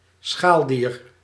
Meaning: a crustacean, an invertebrate class of animals
- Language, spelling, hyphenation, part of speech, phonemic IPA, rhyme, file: Dutch, schaaldier, schaal‧dier, noun, /sxaːldir/, -aːldir, Nl-schaaldier.ogg